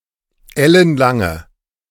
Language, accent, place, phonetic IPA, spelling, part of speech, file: German, Germany, Berlin, [ˈɛlənˌlaŋə], ellenlange, adjective, De-ellenlange.ogg
- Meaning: inflection of ellenlang: 1. strong/mixed nominative/accusative feminine singular 2. strong nominative/accusative plural 3. weak nominative all-gender singular